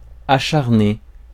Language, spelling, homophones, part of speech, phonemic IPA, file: French, acharner, acharnai / acharné / acharnée / acharnées / acharnés / acharnez, verb, /a.ʃaʁ.ne/, Fr-acharner.ogg
- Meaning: 1. to incite; to sic 2. to hound, to fiercely attack 3. to slave away, to persevere 4. to attach oneself excessively